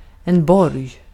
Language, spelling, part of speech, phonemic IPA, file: Swedish, borg, noun, /bɔrj/, Sv-borg.ogg
- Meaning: a fortified castle (or city)